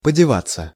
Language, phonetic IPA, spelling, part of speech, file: Russian, [pədʲɪˈvat͡sːə], подеваться, verb, Ru-подеваться.ogg
- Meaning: to disappear, to get (to another place)